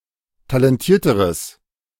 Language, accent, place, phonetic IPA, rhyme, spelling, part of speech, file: German, Germany, Berlin, [talɛnˈtiːɐ̯təʁəs], -iːɐ̯təʁəs, talentierteres, adjective, De-talentierteres.ogg
- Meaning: strong/mixed nominative/accusative neuter singular comparative degree of talentiert